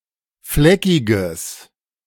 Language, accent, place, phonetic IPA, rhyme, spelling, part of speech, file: German, Germany, Berlin, [ˈflɛkɪɡəs], -ɛkɪɡəs, fleckiges, adjective, De-fleckiges.ogg
- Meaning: strong/mixed nominative/accusative neuter singular of fleckig